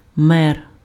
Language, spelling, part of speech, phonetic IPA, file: Ukrainian, мер, noun, [mɛr], Uk-мер.ogg
- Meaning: mayor